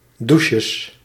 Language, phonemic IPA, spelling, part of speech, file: Dutch, /ˈduʃəs/, douches, noun, Nl-douches.ogg
- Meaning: plural of douche